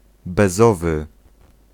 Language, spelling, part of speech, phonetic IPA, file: Polish, bezowy, adjective, [bɛˈzɔvɨ], Pl-bezowy.ogg